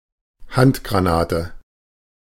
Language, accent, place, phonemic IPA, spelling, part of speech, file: German, Germany, Berlin, /ˈhantɡʁaˌnaːtə/, Handgranate, noun, De-Handgranate.ogg
- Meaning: hand grenade